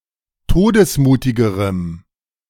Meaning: strong dative masculine/neuter singular comparative degree of todesmutig
- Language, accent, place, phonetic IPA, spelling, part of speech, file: German, Germany, Berlin, [ˈtoːdəsˌmuːtɪɡəʁəm], todesmutigerem, adjective, De-todesmutigerem.ogg